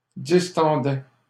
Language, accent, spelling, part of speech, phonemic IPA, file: French, Canada, distendaient, verb, /dis.tɑ̃.dɛ/, LL-Q150 (fra)-distendaient.wav
- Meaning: third-person plural imperfect indicative of distendre